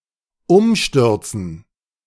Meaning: 1. to fall over 2. to topple, to cause to fall over 3. to overthrow
- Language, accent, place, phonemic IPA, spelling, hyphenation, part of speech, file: German, Germany, Berlin, /ˈʊmˌʃtʏʁt͡sn̩/, umstürzen, um‧stür‧zen, verb, De-umstürzen.ogg